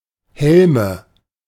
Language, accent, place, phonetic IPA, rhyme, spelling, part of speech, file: German, Germany, Berlin, [ˈhɛlmə], -ɛlmə, Helme, proper noun, De-Helme.ogg
- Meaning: nominative/accusative/genitive plural of Helm